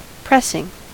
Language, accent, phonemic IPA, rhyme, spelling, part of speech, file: English, US, /ˈpɹɛsɪŋ/, -ɛsɪŋ, pressing, adjective / noun / verb, En-us-pressing.ogg
- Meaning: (adjective) 1. Needing urgent attention 2. Insistent, earnest, or persistent; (noun) 1. The application of pressure by a press or other means 2. A metal or plastic part made with a press